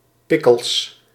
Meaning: piccalilli
- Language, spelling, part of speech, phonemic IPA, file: Dutch, pickles, noun, /ˈpɪkəls/, Nl-pickles.ogg